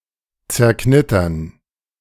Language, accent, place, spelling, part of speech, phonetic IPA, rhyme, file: German, Germany, Berlin, zerknittern, verb, [t͡sɛɐ̯ˈknɪtɐn], -ɪtɐn, De-zerknittern.ogg
- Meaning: to crinkle, to rumple